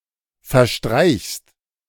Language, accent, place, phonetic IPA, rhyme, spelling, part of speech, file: German, Germany, Berlin, [fɛɐ̯ˈʃtʁaɪ̯çst], -aɪ̯çst, verstreichst, verb, De-verstreichst.ogg
- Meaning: second-person singular present of verstreichen